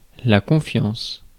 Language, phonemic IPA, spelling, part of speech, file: French, /kɔ̃.fjɑ̃s/, confiance, noun, Fr-confiance.ogg
- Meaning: 1. confidence 2. trust